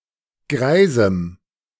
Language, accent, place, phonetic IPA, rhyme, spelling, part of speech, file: German, Germany, Berlin, [ˈɡʁaɪ̯zm̩], -aɪ̯zm̩, greisem, adjective, De-greisem.ogg
- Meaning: strong dative masculine/neuter singular of greis